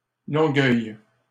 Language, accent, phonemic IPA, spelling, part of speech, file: French, Canada, /lɔ̃.ɡœj/, Longueuil, proper noun, LL-Q150 (fra)-Longueuil.wav
- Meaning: Longueuil (a city in the region of Montérégie, Quebec, Canada)